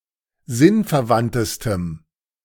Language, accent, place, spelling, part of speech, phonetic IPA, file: German, Germany, Berlin, sinnverwandtestem, adjective, [ˈzɪnfɛɐ̯ˌvantəstəm], De-sinnverwandtestem.ogg
- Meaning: strong dative masculine/neuter singular superlative degree of sinnverwandt